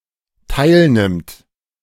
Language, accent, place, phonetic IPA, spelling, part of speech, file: German, Germany, Berlin, [ˈtaɪ̯lˌnɪmt], teilnimmt, verb, De-teilnimmt.ogg
- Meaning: third-person singular dependent present of teilnehmen